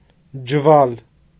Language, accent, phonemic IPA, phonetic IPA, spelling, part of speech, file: Armenian, Eastern Armenian, /d͡ʒəˈvɑl/, [d͡ʒəvɑ́l], ջվալ, noun, Hy-ջվալ.ogg
- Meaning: 1. gunny sack (any big sack or bag made from burlap or hemp) 2. one sack full, the amount of one sack